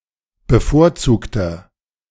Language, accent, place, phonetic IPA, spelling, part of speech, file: German, Germany, Berlin, [bəˈfoːɐ̯ˌt͡suːktɐ], bevorzugter, adjective, De-bevorzugter.ogg
- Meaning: inflection of bevorzugt: 1. strong/mixed nominative masculine singular 2. strong genitive/dative feminine singular 3. strong genitive plural